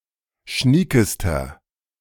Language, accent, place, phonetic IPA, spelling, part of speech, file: German, Germany, Berlin, [ˈʃniːkəstɐ], schniekester, adjective, De-schniekester.ogg
- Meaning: inflection of schnieke: 1. strong/mixed nominative masculine singular superlative degree 2. strong genitive/dative feminine singular superlative degree 3. strong genitive plural superlative degree